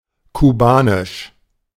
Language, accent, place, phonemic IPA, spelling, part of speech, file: German, Germany, Berlin, /kuˈbaːnɪʃ/, kubanisch, adjective, De-kubanisch.ogg
- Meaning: of Cuba; Cuban